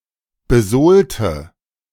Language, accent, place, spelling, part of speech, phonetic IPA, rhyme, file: German, Germany, Berlin, besohlte, adjective / verb, [bəˈzoːltə], -oːltə, De-besohlte.ogg
- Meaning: inflection of besohlen: 1. first/third-person singular preterite 2. first/third-person singular subjunctive II